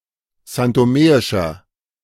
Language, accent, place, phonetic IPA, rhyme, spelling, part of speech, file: German, Germany, Berlin, [zantoˈmeːɪʃɐ], -eːɪʃɐ, santomeischer, adjective, De-santomeischer.ogg
- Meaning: inflection of santomeisch: 1. strong/mixed nominative masculine singular 2. strong genitive/dative feminine singular 3. strong genitive plural